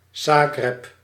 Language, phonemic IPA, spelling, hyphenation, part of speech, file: Dutch, /ˈzaː.ɣrɛp/, Zagreb, Za‧greb, proper noun, Nl-Zagreb.ogg
- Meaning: Zagreb (the capital and largest city of Croatia)